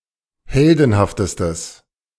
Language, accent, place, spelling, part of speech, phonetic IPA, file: German, Germany, Berlin, heldenhaftestes, adjective, [ˈhɛldn̩haftəstəs], De-heldenhaftestes.ogg
- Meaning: strong/mixed nominative/accusative neuter singular superlative degree of heldenhaft